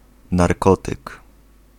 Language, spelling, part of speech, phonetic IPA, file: Polish, narkotyk, noun, [narˈkɔtɨk], Pl-narkotyk.ogg